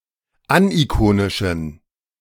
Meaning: inflection of anikonisch: 1. strong genitive masculine/neuter singular 2. weak/mixed genitive/dative all-gender singular 3. strong/weak/mixed accusative masculine singular 4. strong dative plural
- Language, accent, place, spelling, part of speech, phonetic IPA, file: German, Germany, Berlin, anikonischen, adjective, [ˈanʔiˌkoːnɪʃn̩], De-anikonischen.ogg